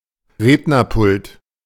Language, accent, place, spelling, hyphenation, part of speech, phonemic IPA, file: German, Germany, Berlin, Rednerpult, Red‧ner‧pult, noun, /ˈʁeːdnɐˌpʊlt/, De-Rednerpult.ogg
- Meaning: podium, lectern